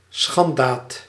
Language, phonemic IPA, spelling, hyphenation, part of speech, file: Dutch, /ˈsxɑn.daːd/, schanddaad, schand‧daad, noun, Nl-schanddaad.ogg
- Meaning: shameful deed, act of depravity